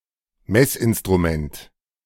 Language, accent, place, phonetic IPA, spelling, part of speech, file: German, Germany, Berlin, [ˈmɛsʔɪnstʁuˌmɛnt], Messinstrument, noun, De-Messinstrument.ogg
- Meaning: measuring instrument, measuring device, measuring tool